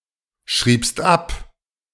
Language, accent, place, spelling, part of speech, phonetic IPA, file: German, Germany, Berlin, schriebst ab, verb, [ˌʃʁiːpst ˈap], De-schriebst ab.ogg
- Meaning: second-person singular preterite of abschreiben